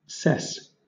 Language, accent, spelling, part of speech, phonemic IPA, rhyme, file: English, Southern England, cess, noun / verb, /sɛs/, -ɛs, LL-Q1860 (eng)-cess.wav
- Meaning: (noun) 1. An assessed tax, duty, or levy; billeting 2. Usually preceded by good or (more commonly) bad: luck or success 3. Bound; measure; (verb) To levy a cess